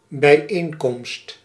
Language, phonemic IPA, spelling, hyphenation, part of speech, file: Dutch, /bɛi̯ˈeːnˌkɔmst/, bijeenkomst, bij‧een‧komst, noun, Nl-bijeenkomst.ogg
- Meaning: meeting